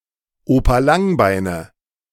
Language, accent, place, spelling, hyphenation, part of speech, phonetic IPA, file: German, Germany, Berlin, Opa Langbeine, Opa Lang‧bei‧ne, noun, [ˈoːpa ˈlaŋˌbaɪ̯nə], De-Opa Langbeine.ogg
- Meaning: nominative/accusative/genitive plural of Opa Langbein